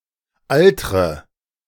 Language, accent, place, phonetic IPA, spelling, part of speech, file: German, Germany, Berlin, [ˈaltʁə], altre, verb, De-altre.ogg
- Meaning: inflection of altern: 1. first-person singular present 2. first/third-person singular subjunctive I 3. singular imperative